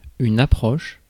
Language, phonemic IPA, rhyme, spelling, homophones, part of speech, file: French, /a.pʁɔʃ/, -ɔʃ, approche, approchent / approches, noun / verb, Fr-approche.ogg
- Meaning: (noun) approach; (verb) inflection of approcher: 1. first/third-person singular present indicative/subjunctive 2. second-person singular imperative